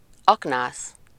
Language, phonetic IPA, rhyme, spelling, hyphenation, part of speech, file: Hungarian, [ˈɒknaːs], -aːs, aknász, ak‧nász, noun, Hu-aknász.ogg
- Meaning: miner (a person who works in a mine)